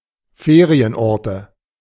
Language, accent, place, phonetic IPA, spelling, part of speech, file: German, Germany, Berlin, [ˈfeːʁiənˌʔɔʁtə], Ferienorte, noun, De-Ferienorte.ogg
- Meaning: nominative/accusative/genitive plural of Ferienort